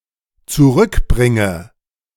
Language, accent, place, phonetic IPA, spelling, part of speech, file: German, Germany, Berlin, [t͡suˈʁʏkˌbʁɪŋə], zurückbringe, verb, De-zurückbringe.ogg
- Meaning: inflection of zurückbringen: 1. first-person singular dependent present 2. first/third-person singular dependent subjunctive I